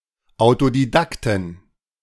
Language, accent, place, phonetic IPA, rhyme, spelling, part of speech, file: German, Germany, Berlin, [aʊ̯todiˈdaktn̩], -aktn̩, Autodidakten, noun, De-Autodidakten.ogg
- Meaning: 1. genitive singular of Autodidakt 2. plural of Autodidakt